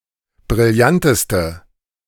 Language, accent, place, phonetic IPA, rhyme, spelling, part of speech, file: German, Germany, Berlin, [bʁɪlˈjantəstə], -antəstə, brillanteste, adjective, De-brillanteste.ogg
- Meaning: inflection of brillant: 1. strong/mixed nominative/accusative feminine singular superlative degree 2. strong nominative/accusative plural superlative degree